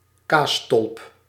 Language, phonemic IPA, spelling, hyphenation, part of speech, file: Dutch, /ˈkaː.stɔlp/, kaasstolp, kaas‧stolp, noun, Nl-kaasstolp.ogg
- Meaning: glass bell jar for storing cheese, akin to a cheese dish